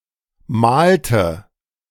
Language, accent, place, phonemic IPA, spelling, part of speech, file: German, Germany, Berlin, /ˈmaːltə/, malte, verb, De-malte.ogg
- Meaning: inflection of malen: 1. first/third-person singular preterite 2. first/third-person singular subjunctive II